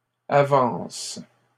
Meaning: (noun) plural of avance; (verb) second-person singular present indicative/subjunctive of avancer
- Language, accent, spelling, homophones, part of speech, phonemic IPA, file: French, Canada, avances, avance / avancent, noun / verb, /a.vɑ̃s/, LL-Q150 (fra)-avances.wav